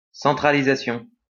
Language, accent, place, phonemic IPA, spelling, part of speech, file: French, France, Lyon, /sɑ̃.tʁa.li.za.sjɔ̃/, centralisation, noun, LL-Q150 (fra)-centralisation.wav
- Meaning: centralization, centralisation